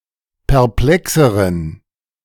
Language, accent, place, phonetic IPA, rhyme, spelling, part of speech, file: German, Germany, Berlin, [pɛʁˈplɛksəʁən], -ɛksəʁən, perplexeren, adjective, De-perplexeren.ogg
- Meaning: inflection of perplex: 1. strong genitive masculine/neuter singular comparative degree 2. weak/mixed genitive/dative all-gender singular comparative degree